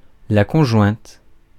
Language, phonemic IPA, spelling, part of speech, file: French, /kɔ̃.ʒwɛ̃t/, conjointe, adjective / noun, Fr-conjointe.ogg
- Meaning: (adjective) feminine singular of conjoint; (noun) female equivalent of conjoint